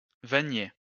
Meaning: basketmaker, basketweaver
- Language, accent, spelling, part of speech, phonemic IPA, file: French, France, vannier, noun, /va.nje/, LL-Q150 (fra)-vannier.wav